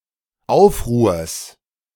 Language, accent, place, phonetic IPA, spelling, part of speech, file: German, Germany, Berlin, [ˈaʊ̯fˌʁuːɐ̯s], Aufruhrs, noun, De-Aufruhrs.ogg
- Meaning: genitive singular of Aufruhr